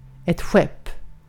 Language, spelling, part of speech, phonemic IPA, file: Swedish, skepp, noun, /ɧɛp/, Sv-skepp.ogg
- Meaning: 1. a ship 2. a nave, an aisle (a large section of the open space in a church separated by columns)